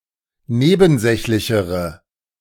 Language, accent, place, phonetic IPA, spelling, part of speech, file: German, Germany, Berlin, [ˈneːbn̩ˌzɛçlɪçəʁə], nebensächlichere, adjective, De-nebensächlichere.ogg
- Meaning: inflection of nebensächlich: 1. strong/mixed nominative/accusative feminine singular comparative degree 2. strong nominative/accusative plural comparative degree